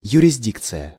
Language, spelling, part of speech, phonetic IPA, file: Russian, юрисдикция, noun, [jʉrʲɪzʲˈdʲikt͡sɨjə], Ru-юрисдикция.ogg
- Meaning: judicial cognizance, competence, jurisdiction